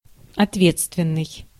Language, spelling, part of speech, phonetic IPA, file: Russian, ответственный, adjective, [ɐtˈvʲet͡stvʲɪn(ː)ɨj], Ru-ответственный.ogg
- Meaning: 1. responsible (various senses) 2. in charge 3. crucial, critical